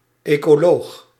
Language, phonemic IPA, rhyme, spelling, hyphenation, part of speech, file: Dutch, /ˌeː.koːˈloːx/, -oːx, ecoloog, eco‧loog, noun, Nl-ecoloog.ogg
- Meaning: an ecologist, scholar of ecology